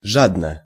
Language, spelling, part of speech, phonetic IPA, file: Russian, жадно, adverb / adjective, [ˈʐadnə], Ru-жадно.ogg
- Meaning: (adverb) greedily, avidly; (adjective) short neuter singular of жа́дный (žádnyj)